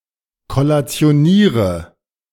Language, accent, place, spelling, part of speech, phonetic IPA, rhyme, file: German, Germany, Berlin, kollationiere, verb, [kɔlat͡si̯oˈniːʁə], -iːʁə, De-kollationiere.ogg
- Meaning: inflection of kollationieren: 1. first-person singular present 2. first/third-person singular subjunctive I 3. singular imperative